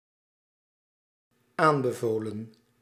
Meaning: past participle of aanbevelen
- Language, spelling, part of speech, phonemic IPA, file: Dutch, aanbevolen, verb, /ˈambəvolə(n)/, Nl-aanbevolen.ogg